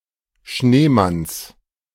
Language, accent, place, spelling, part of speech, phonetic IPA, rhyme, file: German, Germany, Berlin, Schneemanns, noun, [ˈʃneːˌmans], -eːmans, De-Schneemanns.ogg
- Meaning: genitive singular of Schneemann